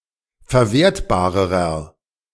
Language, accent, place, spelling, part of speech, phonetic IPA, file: German, Germany, Berlin, verwertbarerer, adjective, [fɛɐ̯ˈveːɐ̯tbaːʁəʁɐ], De-verwertbarerer.ogg
- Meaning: inflection of verwertbar: 1. strong/mixed nominative masculine singular comparative degree 2. strong genitive/dative feminine singular comparative degree 3. strong genitive plural comparative degree